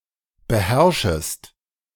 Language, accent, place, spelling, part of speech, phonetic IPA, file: German, Germany, Berlin, beherrschest, verb, [bəˈhɛʁʃəst], De-beherrschest.ogg
- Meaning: second-person singular subjunctive I of beherrschen